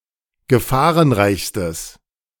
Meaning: strong/mixed nominative/accusative neuter singular superlative degree of gefahrenreich
- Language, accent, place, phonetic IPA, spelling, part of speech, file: German, Germany, Berlin, [ɡəˈfaːʁənˌʁaɪ̯çstəs], gefahrenreichstes, adjective, De-gefahrenreichstes.ogg